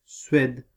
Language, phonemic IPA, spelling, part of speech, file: French, /sɥɛd/, Suède, proper noun, Fr-Suède.ogg
- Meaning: Sweden (a country in Scandinavia in Northern Europe)